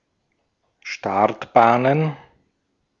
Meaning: plural of Startbahn
- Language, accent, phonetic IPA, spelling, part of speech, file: German, Austria, [ˈʃtaʁtbaːnən], Startbahnen, noun, De-at-Startbahnen.ogg